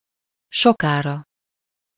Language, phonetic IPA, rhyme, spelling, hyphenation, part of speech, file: Hungarian, [ˈʃokaːrɒ], -rɒ, sokára, so‧ká‧ra, adverb, Hu-sokára.ogg
- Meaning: after a long time/pause